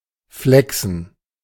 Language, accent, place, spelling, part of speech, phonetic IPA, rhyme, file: German, Germany, Berlin, flächsen, adjective, [ˈflɛksn̩], -ɛksn̩, De-flächsen.ogg
- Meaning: alternative form of flachsen